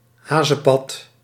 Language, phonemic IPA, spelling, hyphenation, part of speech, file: Dutch, /ˈɦaː.zə(n)ˌpɑt/, hazenpad, ha‧zen‧pad, noun, Nl-hazenpad.ogg
- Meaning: a hare's trail